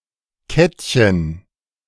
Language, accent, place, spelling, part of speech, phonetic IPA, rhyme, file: German, Germany, Berlin, Kettchen, noun, [ˈkɛtçən], -ɛtçən, De-Kettchen.ogg
- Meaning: diminutive of Kette